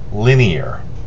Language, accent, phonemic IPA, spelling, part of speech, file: English, US, /ˈlɪn.i.əɹ/, linear, adjective / noun, En-us-linear.ogg
- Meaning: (adjective) 1. Having the form of a line; straight or roughly straight; following a direct course 2. Of or relating to lines 3. Made, or designed to be used, in a step-by-step, sequential manner